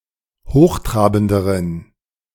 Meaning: inflection of hochtrabend: 1. strong genitive masculine/neuter singular comparative degree 2. weak/mixed genitive/dative all-gender singular comparative degree
- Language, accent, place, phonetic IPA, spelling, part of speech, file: German, Germany, Berlin, [ˈhoːxˌtʁaːbn̩dəʁən], hochtrabenderen, adjective, De-hochtrabenderen.ogg